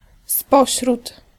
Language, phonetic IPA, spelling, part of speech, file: Polish, [ˈspɔɕrut], spośród, preposition, Pl-spośród.ogg